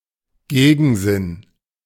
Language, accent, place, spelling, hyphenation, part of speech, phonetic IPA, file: German, Germany, Berlin, Gegensinn, Ge‧gen‧sinn, noun, [ˈɡeːɡn̩ˌzɪn], De-Gegensinn.ogg
- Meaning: 1. opposite meaning 2. opposite direction